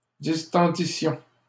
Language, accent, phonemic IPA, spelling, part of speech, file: French, Canada, /dis.tɑ̃.di.sjɔ̃/, distendissions, verb, LL-Q150 (fra)-distendissions.wav
- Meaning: first-person plural imperfect subjunctive of distendre